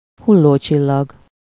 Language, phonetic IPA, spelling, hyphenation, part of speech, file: Hungarian, [ˈhulːoːt͡ʃilːɒɡ], hullócsillag, hul‧ló‧csil‧lag, noun, Hu-hullócsillag.ogg
- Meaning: shooting star